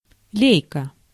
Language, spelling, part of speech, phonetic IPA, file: Russian, лейка, noun, [ˈlʲejkə], Ru-лейка.ogg
- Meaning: 1. watering can 2. bail 3. Leika (brand of camera)